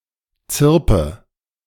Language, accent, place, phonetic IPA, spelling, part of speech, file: German, Germany, Berlin, [ˈt͡sɪʁpə], zirpe, verb, De-zirpe.ogg
- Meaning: inflection of zirpen: 1. first-person singular present 2. first/third-person singular subjunctive I 3. singular imperative